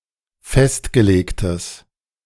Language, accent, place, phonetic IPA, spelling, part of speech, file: German, Germany, Berlin, [ˈfɛstɡəˌleːktəs], festgelegtes, adjective, De-festgelegtes.ogg
- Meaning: strong/mixed nominative/accusative neuter singular of festgelegt